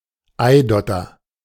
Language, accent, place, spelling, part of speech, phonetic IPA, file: German, Germany, Berlin, Eidotter, noun, [ˈaɪ̯ˌdɔtɐ], De-Eidotter.ogg
- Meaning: egg yolk